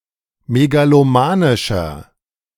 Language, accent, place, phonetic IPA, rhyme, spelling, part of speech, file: German, Germany, Berlin, [meɡaloˈmaːnɪʃɐ], -aːnɪʃɐ, megalomanischer, adjective, De-megalomanischer.ogg
- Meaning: 1. comparative degree of megalomanisch 2. inflection of megalomanisch: strong/mixed nominative masculine singular 3. inflection of megalomanisch: strong genitive/dative feminine singular